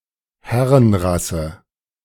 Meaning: master race, herrenvolk
- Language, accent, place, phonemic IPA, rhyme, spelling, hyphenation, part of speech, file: German, Germany, Berlin, /ˈhɛʁənˌʁasə/, -asə, Herrenrasse, Her‧ren‧ras‧se, noun, De-Herrenrasse.ogg